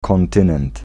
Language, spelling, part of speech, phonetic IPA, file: Polish, kontynent, noun, [kɔ̃nˈtɨ̃nɛ̃nt], Pl-kontynent.ogg